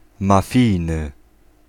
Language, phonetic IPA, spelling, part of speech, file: Polish, [maˈfʲijnɨ], mafijny, adjective, Pl-mafijny.ogg